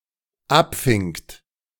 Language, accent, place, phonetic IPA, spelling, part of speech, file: German, Germany, Berlin, [ˈapˌfɪŋt], abfingt, verb, De-abfingt.ogg
- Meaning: second-person plural dependent preterite of abfangen